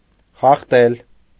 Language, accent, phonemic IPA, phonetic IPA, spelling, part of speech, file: Armenian, Eastern Armenian, /χɑχˈtel/, [χɑχtél], խախտել, verb, Hy-խախտել.ogg
- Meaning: to break, infringe, violate, transgress